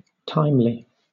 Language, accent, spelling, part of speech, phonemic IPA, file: English, Southern England, timely, adjective / adverb, /ˈtaɪm.li/, LL-Q1860 (eng)-timely.wav
- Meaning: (adjective) 1. Done at the proper time or within the proper time limits; prompt 2. Happening or appearing at the proper time 3. Keeping time or measure; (adverb) In good time; early, quickly